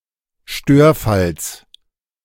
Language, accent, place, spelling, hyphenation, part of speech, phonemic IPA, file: German, Germany, Berlin, Störfalls, Stör‧falls, noun, /ˈʃtøːɐ̯ˌfals/, De-Störfalls.ogg
- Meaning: genitive singular of Störfall